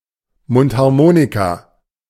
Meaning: harmonica
- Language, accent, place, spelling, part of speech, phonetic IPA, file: German, Germany, Berlin, Mundharmonika, noun, [ˈmʊnthaʁˌmoːnika], De-Mundharmonika.ogg